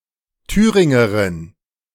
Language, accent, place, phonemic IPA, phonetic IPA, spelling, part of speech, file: German, Germany, Berlin, /ˈtyːʁɪŋəʁɪn/, [ˈtʰyːʁɪŋɐʁɪn], Thüringerin, noun, De-Thüringerin.ogg
- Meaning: 1. female Thuringian (a native or inhabitant of Thuringia) 2. female Thuringian (a member of an ancient Germanic tribe inhabiting central Germany)